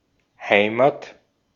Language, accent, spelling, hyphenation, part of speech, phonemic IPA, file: German, Austria, Heimat, Hei‧mat, noun, /ˈhaɪ̯ma(ː)t/, De-at-Heimat.ogg
- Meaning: 1. home, home town, homeland, native land 2. home; homeland; place where something originated or where it is deep-rooted